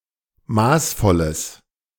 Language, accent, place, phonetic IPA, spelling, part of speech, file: German, Germany, Berlin, [ˈmaːsˌfɔləs], maßvolles, adjective, De-maßvolles.ogg
- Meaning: strong/mixed nominative/accusative neuter singular of maßvoll